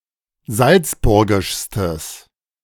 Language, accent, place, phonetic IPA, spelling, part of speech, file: German, Germany, Berlin, [ˈzalt͡sˌbʊʁɡɪʃstəs], salzburgischstes, adjective, De-salzburgischstes.ogg
- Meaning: strong/mixed nominative/accusative neuter singular superlative degree of salzburgisch